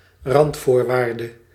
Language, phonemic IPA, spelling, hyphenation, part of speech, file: Dutch, /ˈrɑntfoːrʋaːrdə/, randvoorwaarde, rand‧voor‧waar‧de, noun, Nl-randvoorwaarde.ogg
- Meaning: 1. prerequisite 2. boundary condition